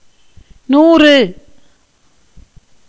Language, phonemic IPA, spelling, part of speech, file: Tamil, /nuːrɯ/, நூறு, numeral, Ta-நூறு.ogg
- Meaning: hundred